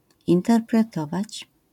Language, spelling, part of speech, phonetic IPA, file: Polish, interpretować, verb, [ˌĩntɛrprɛˈtɔvat͡ɕ], LL-Q809 (pol)-interpretować.wav